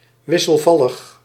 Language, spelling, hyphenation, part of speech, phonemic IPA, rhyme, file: Dutch, wisselvallig, wis‧sel‧val‧lig, adjective, /ˌʋɪ.səlˈvɑ.ləx/, -ɑləx, Nl-wisselvallig.ogg
- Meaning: changeable, variable, inconstant, volatile